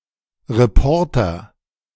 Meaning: reporter (male or of unspecified gender)
- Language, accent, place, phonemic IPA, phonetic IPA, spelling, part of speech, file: German, Germany, Berlin, /ʁeˈpɔʁtəʁ/, [ʁeˈpʰɔɐ̯tʰɐ], Reporter, noun, De-Reporter.ogg